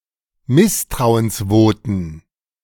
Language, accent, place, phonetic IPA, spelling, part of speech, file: German, Germany, Berlin, [ˈmɪstʁaʊ̯ənsˌvoːtn̩], Misstrauensvoten, noun, De-Misstrauensvoten.ogg
- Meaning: plural of Misstrauensvotum